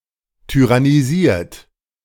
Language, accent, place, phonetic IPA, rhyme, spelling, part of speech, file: German, Germany, Berlin, [tyʁaniˈziːɐ̯t], -iːɐ̯t, tyrannisiert, verb, De-tyrannisiert.ogg
- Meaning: 1. past participle of tyrannisieren 2. inflection of tyrannisieren: third-person singular present 3. inflection of tyrannisieren: second-person plural present